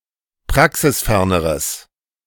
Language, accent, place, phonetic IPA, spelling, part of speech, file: German, Germany, Berlin, [ˈpʁaksɪsˌfɛʁnəʁəs], praxisferneres, adjective, De-praxisferneres.ogg
- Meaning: strong/mixed nominative/accusative neuter singular comparative degree of praxisfern